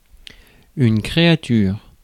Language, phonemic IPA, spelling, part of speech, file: French, /kʁe.a.tyʁ/, créature, noun, Fr-créature.ogg
- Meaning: 1. a creature, a living being, especially seen as the work of the divine Creator 2. anything created or devised by a person